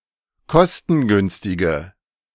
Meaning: inflection of kostengünstig: 1. strong/mixed nominative/accusative feminine singular 2. strong nominative/accusative plural 3. weak nominative all-gender singular
- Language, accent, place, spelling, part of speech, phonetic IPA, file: German, Germany, Berlin, kostengünstige, adjective, [ˈkɔstn̩ˌɡʏnstɪɡə], De-kostengünstige.ogg